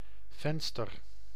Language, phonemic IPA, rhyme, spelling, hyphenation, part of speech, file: Dutch, /ˈvɛn.stər/, -ɛnstər, venster, ven‧ster, noun, Nl-venster.ogg
- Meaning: window